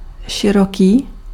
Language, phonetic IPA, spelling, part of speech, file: Czech, [ˈʃɪrokiː], široký, adjective, Cs-široký.ogg
- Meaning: wide, broad